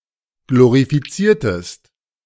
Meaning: inflection of glorifizieren: 1. second-person singular preterite 2. second-person singular subjunctive II
- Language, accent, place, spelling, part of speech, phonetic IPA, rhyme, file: German, Germany, Berlin, glorifiziertest, verb, [ˌɡloʁifiˈt͡siːɐ̯təst], -iːɐ̯təst, De-glorifiziertest.ogg